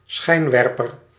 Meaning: 1. floodlight, bright light projector 2. spotlight
- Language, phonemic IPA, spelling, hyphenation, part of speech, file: Dutch, /ˈsxɛi̯nˌʋɛr.pər/, schijnwerper, schijn‧wer‧per, noun, Nl-schijnwerper.ogg